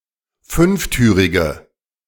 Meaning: inflection of fünftürig: 1. strong/mixed nominative/accusative feminine singular 2. strong nominative/accusative plural 3. weak nominative all-gender singular
- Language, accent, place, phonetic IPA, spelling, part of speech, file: German, Germany, Berlin, [ˈfʏnfˌtyːʁɪɡə], fünftürige, adjective, De-fünftürige.ogg